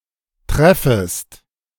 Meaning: second-person singular subjunctive I of treffen
- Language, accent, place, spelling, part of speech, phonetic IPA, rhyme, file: German, Germany, Berlin, treffest, verb, [ˈtʁɛfəst], -ɛfəst, De-treffest.ogg